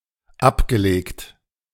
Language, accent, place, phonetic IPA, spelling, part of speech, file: German, Germany, Berlin, [ˈapɡəˌleːkt], abgelegt, verb, De-abgelegt.ogg
- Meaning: past participle of ablegen